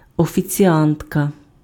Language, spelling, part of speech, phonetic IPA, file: Ukrainian, офіціантка, noun, [ɔfʲit͡sʲiˈantkɐ], Uk-офіціантка.ogg
- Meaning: female equivalent of офіціа́нт (oficiánt): waitress